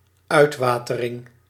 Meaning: 1. drainage, the act or process of removing excess water 2. drainage, a place or installation for removing excess water
- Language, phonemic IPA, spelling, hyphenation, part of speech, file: Dutch, /ˈœy̯tˌʋaː.tə.rɪŋ/, uitwatering, uit‧wa‧te‧ring, noun, Nl-uitwatering.ogg